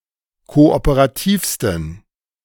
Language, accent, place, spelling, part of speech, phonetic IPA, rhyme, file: German, Germany, Berlin, kooperativsten, adjective, [ˌkoʔopəʁaˈtiːfstn̩], -iːfstn̩, De-kooperativsten.ogg
- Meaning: 1. superlative degree of kooperativ 2. inflection of kooperativ: strong genitive masculine/neuter singular superlative degree